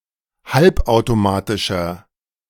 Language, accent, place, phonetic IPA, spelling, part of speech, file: German, Germany, Berlin, [ˈhalpʔaʊ̯toˌmaːtɪʃɐ], halbautomatischer, adjective, De-halbautomatischer.ogg
- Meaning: inflection of halbautomatisch: 1. strong/mixed nominative masculine singular 2. strong genitive/dative feminine singular 3. strong genitive plural